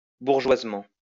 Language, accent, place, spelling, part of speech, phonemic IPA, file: French, France, Lyon, bourgeoisement, adverb, /buʁ.ʒwaz.mɑ̃/, LL-Q150 (fra)-bourgeoisement.wav
- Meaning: in a typically bourgeois way